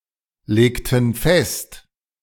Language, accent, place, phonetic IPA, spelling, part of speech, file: German, Germany, Berlin, [ˌleːktn̩ ˈfɛst], legten fest, verb, De-legten fest.ogg
- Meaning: inflection of festlegen: 1. first/third-person plural preterite 2. first/third-person plural subjunctive II